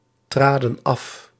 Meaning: inflection of aftreden: 1. plural past indicative 2. plural past subjunctive
- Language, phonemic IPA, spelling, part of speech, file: Dutch, /ˈtradə(n) ˈɑf/, traden af, verb, Nl-traden af.ogg